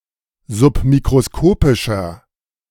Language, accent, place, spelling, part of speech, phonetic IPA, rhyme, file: German, Germany, Berlin, submikroskopischer, adjective, [zʊpmikʁoˈskoːpɪʃɐ], -oːpɪʃɐ, De-submikroskopischer.ogg
- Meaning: inflection of submikroskopisch: 1. strong/mixed nominative masculine singular 2. strong genitive/dative feminine singular 3. strong genitive plural